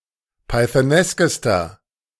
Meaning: inflection of pythonesk: 1. strong/mixed nominative masculine singular superlative degree 2. strong genitive/dative feminine singular superlative degree 3. strong genitive plural superlative degree
- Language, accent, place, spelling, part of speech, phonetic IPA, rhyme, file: German, Germany, Berlin, pythoneskester, adjective, [paɪ̯θəˈnɛskəstɐ], -ɛskəstɐ, De-pythoneskester.ogg